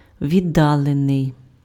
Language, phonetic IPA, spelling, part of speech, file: Ukrainian, [ʋʲiˈdːaɫenei̯], віддалений, verb / adjective, Uk-віддалений.ogg
- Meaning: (verb) passive adjectival past participle of віддали́ти pf (viddalýty); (adjective) remote, distant, outlying, faraway, far-off